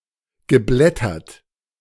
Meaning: past participle of blättern
- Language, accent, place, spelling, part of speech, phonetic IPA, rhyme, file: German, Germany, Berlin, geblättert, verb, [ɡəˈblɛtɐt], -ɛtɐt, De-geblättert.ogg